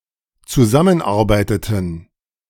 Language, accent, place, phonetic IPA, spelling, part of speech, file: German, Germany, Berlin, [t͡suˈzamənˌʔaʁbaɪ̯tətn̩], zusammenarbeiteten, verb, De-zusammenarbeiteten.ogg
- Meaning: inflection of zusammenarbeiten: 1. first/third-person plural dependent preterite 2. first/third-person plural dependent subjunctive II